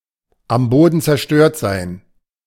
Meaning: to be devastated
- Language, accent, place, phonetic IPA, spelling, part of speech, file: German, Germany, Berlin, [ˌam ˈboːdn̩ ˌt͡sɛɐ̯ˈʃtøːɐ̯t zaɪ̯n], am Boden zerstört sein, verb, De-am Boden zerstört sein.ogg